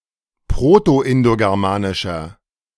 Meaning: inflection of proto-indogermanisch: 1. strong/mixed nominative masculine singular 2. strong genitive/dative feminine singular 3. strong genitive plural
- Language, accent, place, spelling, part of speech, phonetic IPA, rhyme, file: German, Germany, Berlin, proto-indogermanischer, adjective, [ˌpʁotoʔɪndoɡɛʁˈmaːnɪʃɐ], -aːnɪʃɐ, De-proto-indogermanischer.ogg